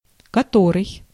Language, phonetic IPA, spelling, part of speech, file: Russian, [kɐˈtorɨj], который, pronoun, Ru-который.ogg
- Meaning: 1. what, which (among a specific series) 2. which, that, who, whom 3. not the first, more than one